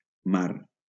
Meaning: sea
- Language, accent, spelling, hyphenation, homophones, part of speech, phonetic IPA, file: Catalan, Valencia, mar, mar, ma / mà, noun, [ˈmar], LL-Q7026 (cat)-mar.wav